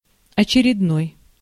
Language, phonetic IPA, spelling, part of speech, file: Russian, [ɐt͡ɕɪrʲɪdˈnoj], очередной, adjective, Ru-очередной.ogg
- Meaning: 1. next (in an order or sequence) 2. regular (of a regular occurrence according to a schedule) 3. another, yet another, just another, another routine, one more, (in the plural) more, yet more, etc